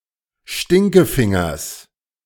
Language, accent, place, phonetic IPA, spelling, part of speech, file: German, Germany, Berlin, [ˈʃtɪŋkəˌfɪŋɐs], Stinkefingers, noun, De-Stinkefingers.ogg
- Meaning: genitive singular of Stinkefinger